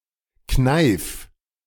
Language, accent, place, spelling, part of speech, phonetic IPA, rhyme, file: German, Germany, Berlin, kneif, verb, [knaɪ̯f], -aɪ̯f, De-kneif.ogg
- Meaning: singular imperative of kneifen